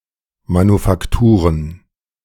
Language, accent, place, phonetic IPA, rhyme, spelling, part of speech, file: German, Germany, Berlin, [manufakˈtuːʁən], -uːʁən, Manufakturen, noun, De-Manufakturen.ogg
- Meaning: plural of Manufaktur